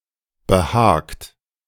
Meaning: 1. past participle of behagen 2. inflection of behagen: second-person plural present 3. inflection of behagen: third-person singular present 4. inflection of behagen: plural imperative
- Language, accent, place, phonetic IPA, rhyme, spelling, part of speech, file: German, Germany, Berlin, [bəˈhaːkt], -aːkt, behagt, verb, De-behagt.ogg